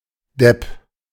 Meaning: fool, idiot, dork (quirky, silly and/or stupid, socially inept person, or one who is out of touch with contemporary trends)
- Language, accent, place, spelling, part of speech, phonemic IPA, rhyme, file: German, Germany, Berlin, Depp, noun, /dɛp/, -ɛp, De-Depp.ogg